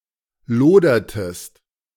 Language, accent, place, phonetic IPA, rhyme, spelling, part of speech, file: German, Germany, Berlin, [ˈloːdɐtəst], -oːdɐtəst, lodertest, verb, De-lodertest.ogg
- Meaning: inflection of lodern: 1. second-person singular preterite 2. second-person singular subjunctive II